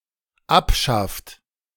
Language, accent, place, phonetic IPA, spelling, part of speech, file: German, Germany, Berlin, [ˈapˌʃaft], abschafft, verb, De-abschafft.ogg
- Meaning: inflection of abschaffen: 1. third-person singular dependent present 2. second-person plural dependent present